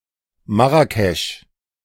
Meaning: Marrakech (the capital city of the Marrakesh-Safi region, Morocco)
- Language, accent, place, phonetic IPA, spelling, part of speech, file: German, Germany, Berlin, [ˈmaʁakɛʃ], Marrakesch, proper noun, De-Marrakesch.ogg